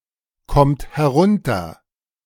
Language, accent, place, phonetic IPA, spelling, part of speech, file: German, Germany, Berlin, [ˌkɔmt hɛˈʁʊntɐ], kommt herunter, verb, De-kommt herunter.ogg
- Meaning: inflection of herunterkommen: 1. third-person singular present 2. second-person plural present 3. plural imperative